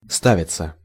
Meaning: passive of ста́вить (stávitʹ)
- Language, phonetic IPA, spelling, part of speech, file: Russian, [ˈstavʲɪt͡sə], ставиться, verb, Ru-ставиться.ogg